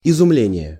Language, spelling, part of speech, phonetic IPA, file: Russian, изумление, noun, [ɪzʊˈmlʲenʲɪje], Ru-изумление.ogg
- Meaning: amazement, astonishment, awe